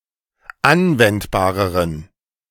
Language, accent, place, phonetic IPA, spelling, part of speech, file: German, Germany, Berlin, [ˈanvɛntbaːʁəʁən], anwendbareren, adjective, De-anwendbareren.ogg
- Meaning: inflection of anwendbar: 1. strong genitive masculine/neuter singular comparative degree 2. weak/mixed genitive/dative all-gender singular comparative degree